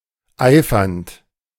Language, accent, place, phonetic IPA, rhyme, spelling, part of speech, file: German, Germany, Berlin, [ˈaɪ̯fɐnt], -aɪ̯fɐnt, eifernd, verb, De-eifernd.ogg
- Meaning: present participle of eifern